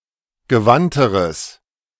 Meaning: strong/mixed nominative/accusative neuter singular comparative degree of gewandt
- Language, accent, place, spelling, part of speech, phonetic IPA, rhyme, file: German, Germany, Berlin, gewandteres, adjective, [ɡəˈvantəʁəs], -antəʁəs, De-gewandteres.ogg